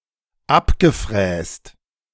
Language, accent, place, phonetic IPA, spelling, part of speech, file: German, Germany, Berlin, [ˈapɡəˌfʁɛːst], abgefräst, verb, De-abgefräst.ogg
- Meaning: past participle of abfräsen